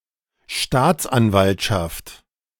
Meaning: public prosecutor's office
- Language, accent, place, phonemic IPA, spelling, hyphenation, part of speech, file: German, Germany, Berlin, /ˈʃtaːt͡sʔanˌvaltʃaft/, Staatsanwaltschaft, Staats‧an‧walt‧schaft, noun, De-Staatsanwaltschaft.ogg